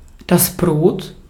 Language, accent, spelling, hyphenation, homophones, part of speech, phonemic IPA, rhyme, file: German, Austria, Brot, Brot, Brod, noun, /bʁoːt/, -oːt, De-at-Brot.ogg
- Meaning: 1. bread 2. loaf of bread 3. slice of bread; sandwich 4. livelihood, subsistence